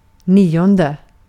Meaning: ninth
- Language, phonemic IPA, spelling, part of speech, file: Swedish, /ˈniːˌɔndɛ/, nionde, numeral, Sv-nionde.ogg